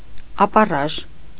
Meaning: rock, cliff
- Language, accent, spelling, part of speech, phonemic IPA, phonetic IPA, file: Armenian, Eastern Armenian, ապառաժ, noun, /ɑpɑˈrɑʒ/, [ɑpɑrɑ́ʒ], Hy-ապառաժ.ogg